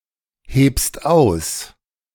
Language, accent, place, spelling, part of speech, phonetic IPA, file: German, Germany, Berlin, hebst aus, verb, [ˌheːpst ˈaʊ̯s], De-hebst aus.ogg
- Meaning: second-person singular present of ausheben